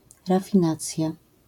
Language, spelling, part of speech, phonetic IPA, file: Polish, rafinacja, noun, [ˌrafʲĩˈnat͡sʲja], LL-Q809 (pol)-rafinacja.wav